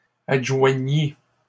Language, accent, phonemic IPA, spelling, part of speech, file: French, Canada, /ad.ʒwa.ɲi/, adjoignît, verb, LL-Q150 (fra)-adjoignît.wav
- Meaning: third-person singular imperfect subjunctive of adjoindre